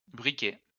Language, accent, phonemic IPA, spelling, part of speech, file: French, France, /bʁi.kɛ/, briquets, noun, LL-Q150 (fra)-briquets.wav
- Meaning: plural of briquet